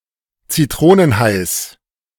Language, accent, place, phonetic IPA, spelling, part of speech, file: German, Germany, Berlin, [t͡siˈtʁoːnənˌhaɪ̯s], Zitronenhais, noun, De-Zitronenhais.ogg
- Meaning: genitive singular of Zitronenhai